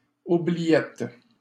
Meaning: oubliette (type of dungeon)
- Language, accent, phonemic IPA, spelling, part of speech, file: French, Canada, /u.bli.jɛt/, oubliette, noun, LL-Q150 (fra)-oubliette.wav